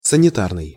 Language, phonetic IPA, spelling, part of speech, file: Russian, [sənʲɪˈtarnɨj], санитарный, adjective, Ru-санитарный.ogg
- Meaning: 1. sanitary, sanitization 2. medical